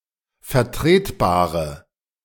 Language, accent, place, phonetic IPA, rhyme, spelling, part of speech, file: German, Germany, Berlin, [fɛɐ̯ˈtʁeːtˌbaːʁə], -eːtbaːʁə, vertretbare, adjective, De-vertretbare.ogg
- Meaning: inflection of vertretbar: 1. strong/mixed nominative/accusative feminine singular 2. strong nominative/accusative plural 3. weak nominative all-gender singular